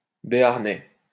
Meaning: an inhabitant or descendant of the population of the Béarn region in the French Pyrenees
- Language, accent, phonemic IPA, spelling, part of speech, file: French, France, /be.aʁ.nɛ/, Béarnais, noun, LL-Q150 (fra)-Béarnais.wav